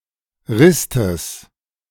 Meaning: genitive of Rist
- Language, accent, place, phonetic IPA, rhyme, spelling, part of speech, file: German, Germany, Berlin, [ˈʁɪstəs], -ɪstəs, Ristes, noun, De-Ristes.ogg